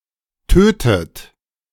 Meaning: inflection of töten: 1. third-person singular present 2. second-person plural present 3. second-person plural subjunctive I 4. plural imperative
- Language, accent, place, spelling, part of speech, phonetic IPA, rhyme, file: German, Germany, Berlin, tötet, verb, [ˈtøːtət], -øːtət, De-tötet.ogg